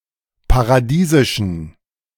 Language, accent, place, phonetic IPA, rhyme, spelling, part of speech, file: German, Germany, Berlin, [paʁaˈdiːzɪʃn̩], -iːzɪʃn̩, paradiesischen, adjective, De-paradiesischen.ogg
- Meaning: inflection of paradiesisch: 1. strong genitive masculine/neuter singular 2. weak/mixed genitive/dative all-gender singular 3. strong/weak/mixed accusative masculine singular 4. strong dative plural